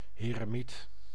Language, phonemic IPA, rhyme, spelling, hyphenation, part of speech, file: Dutch, /ˌɦeː.rəˈmit/, -it, heremiet, he‧re‧miet, noun, Nl-heremiet.ogg
- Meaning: hermit